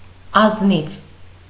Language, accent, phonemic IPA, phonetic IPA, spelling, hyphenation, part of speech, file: Armenian, Eastern Armenian, /ɑzˈniv/, [ɑznív], ազնիվ, ազ‧նիվ, adjective, Hy-ազնիվ.ogg
- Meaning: 1. honest, honest-minded 2. fair 3. straightforward, upright, straight, square 4. decent 5. noble